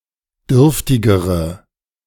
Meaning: inflection of dürftig: 1. strong/mixed nominative/accusative feminine singular comparative degree 2. strong nominative/accusative plural comparative degree
- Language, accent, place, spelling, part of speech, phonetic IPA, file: German, Germany, Berlin, dürftigere, adjective, [ˈdʏʁftɪɡəʁə], De-dürftigere.ogg